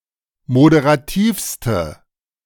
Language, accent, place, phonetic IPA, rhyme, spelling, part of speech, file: German, Germany, Berlin, [modeʁaˈtiːfstə], -iːfstə, moderativste, adjective, De-moderativste.ogg
- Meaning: inflection of moderativ: 1. strong/mixed nominative/accusative feminine singular superlative degree 2. strong nominative/accusative plural superlative degree